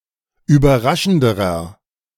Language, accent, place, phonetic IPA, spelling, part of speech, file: German, Germany, Berlin, [yːbɐˈʁaʃn̩dəʁɐ], überraschenderer, adjective, De-überraschenderer.ogg
- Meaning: inflection of überraschend: 1. strong/mixed nominative masculine singular comparative degree 2. strong genitive/dative feminine singular comparative degree 3. strong genitive plural comparative degree